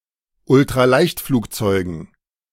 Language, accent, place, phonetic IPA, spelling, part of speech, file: German, Germany, Berlin, [ʊltʁaˈlaɪ̯çtfluːkˌt͡sɔɪ̯ɡn̩], Ultraleichtflugzeugen, noun, De-Ultraleichtflugzeugen.ogg
- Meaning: dative plural of Ultraleichtflugzeug